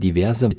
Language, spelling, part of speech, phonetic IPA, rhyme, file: German, diverse, adjective, [diˈvɛʁzə], -ɛʁzə, De-diverse.ogg
- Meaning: inflection of divers: 1. strong/mixed nominative/accusative feminine singular 2. strong nominative/accusative plural 3. weak nominative all-gender singular 4. weak accusative feminine/neuter singular